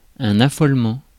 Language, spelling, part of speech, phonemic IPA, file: French, affolement, noun, /a.fɔl.mɑ̃/, Fr-affolement.ogg
- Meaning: 1. panic, terror 2. insanity, craziness, lunacy